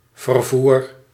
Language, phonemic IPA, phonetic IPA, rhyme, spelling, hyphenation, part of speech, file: Dutch, /vərˈvur/, [vərˈvuːr], -ur, vervoer, ver‧voer, noun / verb, Nl-vervoer.ogg
- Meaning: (noun) 1. the act or process of transporting; transportation 2. any means of transport, vehicle and/or driver etc; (verb) inflection of vervoeren: first-person singular present indicative